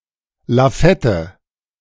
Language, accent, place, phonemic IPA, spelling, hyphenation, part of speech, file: German, Germany, Berlin, /laˈfɛtə/, Lafette, La‧fet‧te, noun, De-Lafette.ogg
- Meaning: gun carriage